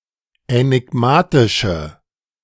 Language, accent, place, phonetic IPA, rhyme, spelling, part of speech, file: German, Germany, Berlin, [ɛnɪˈɡmaːtɪʃə], -aːtɪʃə, änigmatische, adjective, De-änigmatische.ogg
- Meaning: inflection of änigmatisch: 1. strong/mixed nominative/accusative feminine singular 2. strong nominative/accusative plural 3. weak nominative all-gender singular